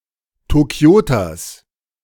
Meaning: genitive singular of Tokioter
- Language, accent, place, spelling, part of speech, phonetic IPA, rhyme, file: German, Germany, Berlin, Tokioters, noun, [toˈki̯oːtɐs], -oːtɐs, De-Tokioters.ogg